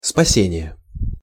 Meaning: rescue, salvation (act of rescuing, saving)
- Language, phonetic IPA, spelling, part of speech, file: Russian, [spɐˈsʲenʲɪje], спасение, noun, Ru-спасение.ogg